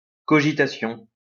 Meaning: cogitation
- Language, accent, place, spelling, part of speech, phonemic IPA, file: French, France, Lyon, cogitation, noun, /kɔ.ʒi.ta.sjɔ̃/, LL-Q150 (fra)-cogitation.wav